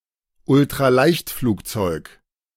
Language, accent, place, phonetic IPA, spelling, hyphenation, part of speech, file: German, Germany, Berlin, [ʊltʁaˈlaɪ̯çtfluːkˌt͡sɔɪ̯k], Ultraleichtflugzeug, Ul‧t‧ra‧leicht‧flug‧zeug, noun, De-Ultraleichtflugzeug.ogg
- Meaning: ultralight